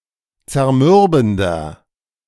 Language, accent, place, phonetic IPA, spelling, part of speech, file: German, Germany, Berlin, [t͡sɛɐ̯ˈmʏʁbn̩dɐ], zermürbender, adjective, De-zermürbender.ogg
- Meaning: 1. comparative degree of zermürbend 2. inflection of zermürbend: strong/mixed nominative masculine singular 3. inflection of zermürbend: strong genitive/dative feminine singular